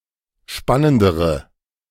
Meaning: inflection of spannend: 1. strong/mixed nominative/accusative feminine singular comparative degree 2. strong nominative/accusative plural comparative degree
- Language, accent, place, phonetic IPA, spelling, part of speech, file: German, Germany, Berlin, [ˈʃpanəndəʁə], spannendere, adjective, De-spannendere.ogg